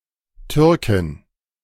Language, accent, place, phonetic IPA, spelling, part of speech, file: German, Germany, Berlin, [ˈtʏʁkɪn], Türkin, noun, De-Türkin.ogg
- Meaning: female Turk (native or inhabitant of Turkey, person of Turkish descent)